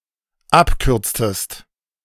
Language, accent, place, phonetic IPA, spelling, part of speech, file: German, Germany, Berlin, [ˈapˌkʏʁt͡stəst], abkürztest, verb, De-abkürztest.ogg
- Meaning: inflection of abkürzen: 1. second-person singular dependent preterite 2. second-person singular dependent subjunctive II